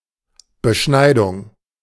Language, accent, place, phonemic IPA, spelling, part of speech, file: German, Germany, Berlin, /bəˈʃnaɪ̯dʊŋ/, Beschneidung, noun, De-Beschneidung.ogg
- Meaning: 1. circumcision 2. trimming